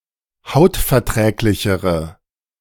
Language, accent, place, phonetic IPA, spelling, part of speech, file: German, Germany, Berlin, [ˈhaʊ̯tfɛɐ̯ˌtʁɛːklɪçəʁə], hautverträglichere, adjective, De-hautverträglichere.ogg
- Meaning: inflection of hautverträglich: 1. strong/mixed nominative/accusative feminine singular comparative degree 2. strong nominative/accusative plural comparative degree